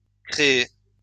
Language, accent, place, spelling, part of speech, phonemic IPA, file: French, France, Lyon, créé, verb, /kʁe.e/, LL-Q150 (fra)-créé.wav
- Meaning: past participle of créer